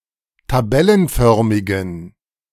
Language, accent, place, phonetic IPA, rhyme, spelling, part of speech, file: German, Germany, Berlin, [taˈbɛlənˌfœʁmɪɡn̩], -ɛlənfœʁmɪɡn̩, tabellenförmigen, adjective, De-tabellenförmigen.ogg
- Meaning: inflection of tabellenförmig: 1. strong genitive masculine/neuter singular 2. weak/mixed genitive/dative all-gender singular 3. strong/weak/mixed accusative masculine singular 4. strong dative plural